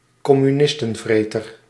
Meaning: a fanatical anticommunist
- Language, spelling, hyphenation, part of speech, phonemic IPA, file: Dutch, communistenvreter, com‧mu‧nis‧ten‧vre‧ter, noun, /kɔ.myˈnɪs.tə(n)ˌvreː.tər/, Nl-communistenvreter.ogg